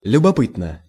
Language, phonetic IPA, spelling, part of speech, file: Russian, [lʲʊbɐˈpɨtnə], любопытно, adverb / adjective, Ru-любопытно.ogg
- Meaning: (adverb) curiously, with curiosity; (adjective) 1. one is curious 2. short neuter singular of любопы́тный (ljubopýtnyj)